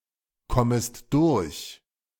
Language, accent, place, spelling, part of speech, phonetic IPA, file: German, Germany, Berlin, kommest durch, verb, [ˌkɔməst ˈdʊʁç], De-kommest durch.ogg
- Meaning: second-person singular subjunctive I of durchkommen